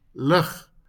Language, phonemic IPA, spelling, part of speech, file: Afrikaans, /ləχ/, lig, adjective / verb / noun, LL-Q14196 (afr)-lig.wav
- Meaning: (adjective) 1. light; not heavy 2. slight; mild; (verb) 1. to lift, to raise 2. to weigh (the anchor); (noun) light; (adjective) light; pale; not dark; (verb) to shine; to be or become light